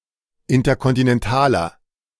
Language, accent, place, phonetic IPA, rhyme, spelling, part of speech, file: German, Germany, Berlin, [ˌɪntɐkɔntinɛnˈtaːlɐ], -aːlɐ, interkontinentaler, adjective, De-interkontinentaler.ogg
- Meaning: inflection of interkontinental: 1. strong/mixed nominative masculine singular 2. strong genitive/dative feminine singular 3. strong genitive plural